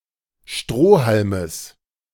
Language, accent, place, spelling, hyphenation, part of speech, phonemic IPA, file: German, Germany, Berlin, Strohhalmes, Stroh‧hal‧mes, noun, /ˈʃtʁoː.hal.məs/, De-Strohhalmes.ogg
- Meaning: genitive of Strohhalm